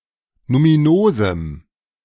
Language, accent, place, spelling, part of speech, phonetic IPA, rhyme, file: German, Germany, Berlin, numinosem, adjective, [numiˈnoːzm̩], -oːzm̩, De-numinosem.ogg
- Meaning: strong dative masculine/neuter singular of numinos